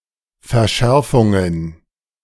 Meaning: plural of Verschärfung
- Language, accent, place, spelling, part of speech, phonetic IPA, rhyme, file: German, Germany, Berlin, Verschärfungen, noun, [fɛɐ̯ˈʃɛʁfʊŋən], -ɛʁfʊŋən, De-Verschärfungen.ogg